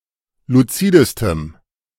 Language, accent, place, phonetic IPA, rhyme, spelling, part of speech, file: German, Germany, Berlin, [luˈt͡siːdəstəm], -iːdəstəm, luzidestem, adjective, De-luzidestem.ogg
- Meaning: strong dative masculine/neuter singular superlative degree of luzid